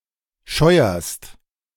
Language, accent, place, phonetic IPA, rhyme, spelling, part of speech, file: German, Germany, Berlin, [ˈʃɔɪ̯ɐst], -ɔɪ̯ɐst, scheuerst, verb, De-scheuerst.ogg
- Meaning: second-person singular present of scheuern